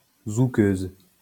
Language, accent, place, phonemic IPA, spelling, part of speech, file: French, France, Lyon, /zu.køz/, zoukeuse, noun, LL-Q150 (fra)-zoukeuse.wav
- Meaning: female equivalent of zoukeur